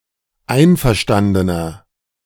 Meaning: inflection of einverstanden: 1. strong/mixed nominative masculine singular 2. strong genitive/dative feminine singular 3. strong genitive plural
- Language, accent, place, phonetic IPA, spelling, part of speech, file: German, Germany, Berlin, [ˈaɪ̯nfɛɐ̯ˌʃtandənɐ], einverstandener, adjective, De-einverstandener.ogg